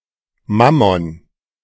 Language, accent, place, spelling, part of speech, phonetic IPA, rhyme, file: German, Germany, Berlin, Mammon, noun, [ˈmamɔn], -amɔn, De-Mammon.ogg
- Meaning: 1. Mammon 2. money